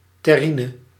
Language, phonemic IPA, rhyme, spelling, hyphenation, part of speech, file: Dutch, /ˌtɛˈri.nə/, -inə, terrine, ter‧ri‧ne, noun, Nl-terrine.ogg
- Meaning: 1. terrine (dish) 2. terrine (pâté)